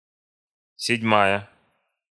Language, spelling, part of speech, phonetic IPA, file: Russian, седьмая, adjective / noun, [sʲɪdʲˈmajə], Ru-седьмая.ogg
- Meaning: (adjective) nominative feminine singular of седьмо́й (sedʹmój); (noun) seventh part